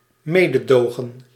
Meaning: mercy, compassion, pity
- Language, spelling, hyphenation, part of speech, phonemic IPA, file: Dutch, mededogen, me‧de‧do‧gen, noun, /ˈmeː.dəˌdoː.ɣə(n)/, Nl-mededogen.ogg